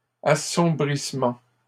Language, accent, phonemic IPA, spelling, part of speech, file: French, Canada, /a.sɔ̃.bʁis.mɑ̃/, assombrissement, noun, LL-Q150 (fra)-assombrissement.wav
- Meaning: 1. darkening 2. obfuscation